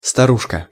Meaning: female equivalent of старичо́к (staričók): diminutive of стару́ха (starúxa): old lady, little old lady, old woman, old dame
- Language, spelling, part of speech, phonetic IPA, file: Russian, старушка, noun, [stɐˈruʂkə], Ru-старушка.ogg